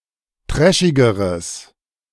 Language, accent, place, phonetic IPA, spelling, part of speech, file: German, Germany, Berlin, [ˈtʁɛʃɪɡəʁəs], trashigeres, adjective, De-trashigeres.ogg
- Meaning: strong/mixed nominative/accusative neuter singular comparative degree of trashig